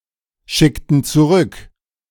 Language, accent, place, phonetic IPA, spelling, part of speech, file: German, Germany, Berlin, [ˌʃɪktn̩ t͡suˈʁʏk], schickten zurück, verb, De-schickten zurück.ogg
- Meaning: inflection of zurückschicken: 1. first/third-person plural preterite 2. first/third-person plural subjunctive II